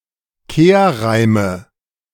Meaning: 1. nominative/accusative/genitive plural of Kehrreim 2. dative singular of Kehrreim
- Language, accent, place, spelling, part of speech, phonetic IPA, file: German, Germany, Berlin, Kehrreime, noun, [ˈkeːɐ̯ˌʁaɪ̯mə], De-Kehrreime.ogg